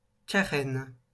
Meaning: hull; keel
- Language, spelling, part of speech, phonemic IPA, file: French, carène, noun, /ka.ʁɛn/, LL-Q150 (fra)-carène.wav